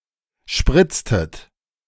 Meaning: inflection of spritzen: 1. second-person plural preterite 2. second-person plural subjunctive II
- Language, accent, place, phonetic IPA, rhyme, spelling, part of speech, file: German, Germany, Berlin, [ˈʃpʁɪt͡stət], -ɪt͡stət, spritztet, verb, De-spritztet.ogg